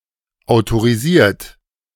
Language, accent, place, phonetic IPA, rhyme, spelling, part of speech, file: German, Germany, Berlin, [aʊ̯toʁiˈziːɐ̯t], -iːɐ̯t, autorisiert, adjective / verb, De-autorisiert.ogg
- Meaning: 1. past participle of autorisieren 2. inflection of autorisieren: third-person singular present 3. inflection of autorisieren: second-person plural present